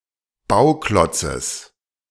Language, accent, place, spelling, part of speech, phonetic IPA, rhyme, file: German, Germany, Berlin, Bauklotzes, noun, [ˈbaʊ̯ˌklɔt͡səs], -aʊ̯klɔt͡səs, De-Bauklotzes.ogg
- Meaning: genitive singular of Bauklotz